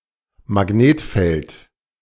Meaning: magnetic field
- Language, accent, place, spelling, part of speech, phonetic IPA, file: German, Germany, Berlin, Magnetfeld, noun, [maˈɡneːtˌfɛlt], De-Magnetfeld.ogg